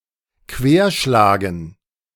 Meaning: 1. to ricochet 2. to broach
- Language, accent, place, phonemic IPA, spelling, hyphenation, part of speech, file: German, Germany, Berlin, /ˈkveːɐ̯ˌʃlaːɡn̩/, querschlagen, quer‧schla‧gen, verb, De-querschlagen.ogg